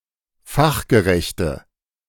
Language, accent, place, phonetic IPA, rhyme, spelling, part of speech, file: German, Germany, Berlin, [ˈfaxɡəˌʁɛçtə], -axɡəʁɛçtə, fachgerechte, adjective, De-fachgerechte.ogg
- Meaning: inflection of fachgerecht: 1. strong/mixed nominative/accusative feminine singular 2. strong nominative/accusative plural 3. weak nominative all-gender singular